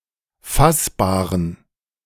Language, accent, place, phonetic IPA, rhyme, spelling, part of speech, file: German, Germany, Berlin, [ˈfasbaːʁən], -asbaːʁən, fassbaren, adjective, De-fassbaren.ogg
- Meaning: inflection of fassbar: 1. strong genitive masculine/neuter singular 2. weak/mixed genitive/dative all-gender singular 3. strong/weak/mixed accusative masculine singular 4. strong dative plural